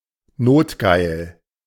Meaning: lustful, extremely horny, down bad (sexually longing in such a way that one may find it hard to control oneself)
- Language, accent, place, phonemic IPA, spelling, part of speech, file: German, Germany, Berlin, /ˈnoːtˌɡaɪ̯l/, notgeil, adjective, De-notgeil.ogg